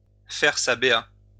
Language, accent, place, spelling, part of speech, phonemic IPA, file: French, France, Lyon, faire sa B.A., verb, /fɛʁ sa be.a/, LL-Q150 (fra)-faire sa B.A..wav
- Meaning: to score brownie points